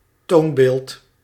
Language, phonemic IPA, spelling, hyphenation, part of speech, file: Dutch, /ˈtoːn.beːlt/, toonbeeld, toon‧beeld, noun, Nl-toonbeeld.ogg
- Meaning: 1. a paragon, model, example to be followed or imitated 2. an imitation, reflection, sample, illustration